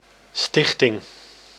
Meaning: 1. foundation (act of founding) 2. nonprofit, (charitable) foundation
- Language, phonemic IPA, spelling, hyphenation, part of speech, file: Dutch, /ˈstɪx.tɪŋ/, stichting, stich‧ting, noun, Nl-stichting.ogg